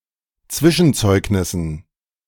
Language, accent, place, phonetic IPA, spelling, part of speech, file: German, Germany, Berlin, [ˈt͡svɪʃn̩ˌt͡sɔɪ̯knɪsn̩], Zwischenzeugnissen, noun, De-Zwischenzeugnissen.ogg
- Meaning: dative plural of Zwischenzeugnis